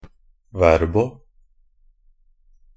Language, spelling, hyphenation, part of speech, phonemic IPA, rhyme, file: Norwegian Bokmål, verbo, ver‧bo, adverb, /ˈʋɛrbɔ/, -ɛrbɔ, NB - Pronunciation of Norwegian Bokmål «verbo».ogg
- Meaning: only used in a verbo (“the main grammatical forms of a verb”)